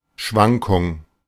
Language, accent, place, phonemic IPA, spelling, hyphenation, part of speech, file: German, Germany, Berlin, /ˈʃvaŋkʊŋ/, Schwankung, Schwan‧kung, noun, De-Schwankung.ogg
- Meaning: fluctuation